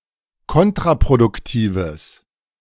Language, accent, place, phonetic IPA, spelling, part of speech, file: German, Germany, Berlin, [ˈkɔntʁapʁodʊkˌtiːvəs], kontraproduktives, adjective, De-kontraproduktives.ogg
- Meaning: strong/mixed nominative/accusative neuter singular of kontraproduktiv